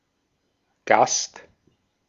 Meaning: guest
- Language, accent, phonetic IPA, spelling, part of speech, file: German, Austria, [ɡast], Gast, noun, De-at-Gast.ogg